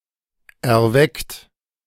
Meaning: 1. past participle of erwecken 2. inflection of erwecken: second-person plural present 3. inflection of erwecken: third-person singular present 4. inflection of erwecken: plural imperative
- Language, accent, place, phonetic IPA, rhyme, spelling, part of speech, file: German, Germany, Berlin, [ɛɐ̯ˈvɛkt], -ɛkt, erweckt, verb, De-erweckt.ogg